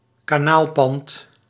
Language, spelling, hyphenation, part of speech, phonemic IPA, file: Dutch, kanaalpand, ka‧naal‧pand, noun, /kaːˈnaːlˌpɑnt/, Nl-kanaalpand.ogg
- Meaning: a section of a canal that is located between two locks